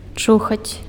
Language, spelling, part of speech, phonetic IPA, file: Belarusian, чухаць, verb, [ˈt͡ʂuxat͡sʲ], Be-чухаць.ogg
- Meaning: to scratch